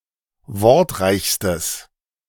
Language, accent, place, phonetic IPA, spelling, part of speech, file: German, Germany, Berlin, [ˈvɔʁtˌʁaɪ̯çstəs], wortreichstes, adjective, De-wortreichstes.ogg
- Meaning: strong/mixed nominative/accusative neuter singular superlative degree of wortreich